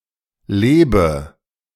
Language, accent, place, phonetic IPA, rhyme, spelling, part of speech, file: German, Germany, Berlin, [ˈleːbə], -eːbə, lebe, verb, De-lebe.ogg
- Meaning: inflection of leben: 1. first-person singular present 2. first/third-person plural subjunctive I 3. singular imperative